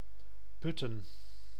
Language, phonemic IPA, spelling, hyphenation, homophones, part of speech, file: Dutch, /ˈpʏ.tə(n)/, Putten, Put‧ten, putte / Putte / putten, proper noun, Nl-Putten.ogg
- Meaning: 1. Putten (a village and municipality of Gelderland, Netherlands) 2. a neighbourhood of Eindhoven, North Brabant, Netherlands 3. an island of South Holland, Netherlands